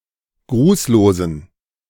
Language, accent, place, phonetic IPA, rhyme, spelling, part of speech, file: German, Germany, Berlin, [ˈɡʁuːsloːzn̩], -uːsloːzn̩, grußlosen, adjective, De-grußlosen.ogg
- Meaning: inflection of grußlos: 1. strong genitive masculine/neuter singular 2. weak/mixed genitive/dative all-gender singular 3. strong/weak/mixed accusative masculine singular 4. strong dative plural